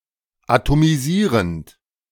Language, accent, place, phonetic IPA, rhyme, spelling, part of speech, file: German, Germany, Berlin, [atomiˈziːʁənt], -iːʁənt, atomisierend, verb, De-atomisierend.ogg
- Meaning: present participle of atomisieren